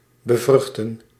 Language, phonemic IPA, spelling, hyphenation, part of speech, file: Dutch, /bəˈvrʏx.tə(n)/, bevruchten, be‧vruch‧ten, verb, Nl-bevruchten.ogg
- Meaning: to fertilize, to inseminate